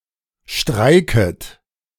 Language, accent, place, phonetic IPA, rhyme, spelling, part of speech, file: German, Germany, Berlin, [ˈʃtʁaɪ̯kət], -aɪ̯kət, streiket, verb, De-streiket.ogg
- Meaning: second-person plural subjunctive I of streiken